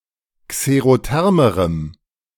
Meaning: strong dative masculine/neuter singular comparative degree of xerotherm
- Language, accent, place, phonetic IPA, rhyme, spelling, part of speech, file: German, Germany, Berlin, [kseʁoˈtɛʁməʁəm], -ɛʁməʁəm, xerothermerem, adjective, De-xerothermerem.ogg